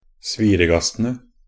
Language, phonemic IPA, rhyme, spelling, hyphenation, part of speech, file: Norwegian Bokmål, /ˈsʋiːrəɡastənə/, -ənə, sviregastene, svi‧re‧gas‧te‧ne, noun, Nb-sviregastene.ogg
- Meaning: definite plural of sviregast